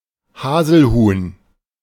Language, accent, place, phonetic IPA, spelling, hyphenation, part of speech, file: German, Germany, Berlin, [ˈhaːzl̩ˌhuːn], Haselhuhn, Ha‧sel‧huhn, noun, De-Haselhuhn.ogg
- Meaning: hazel grouse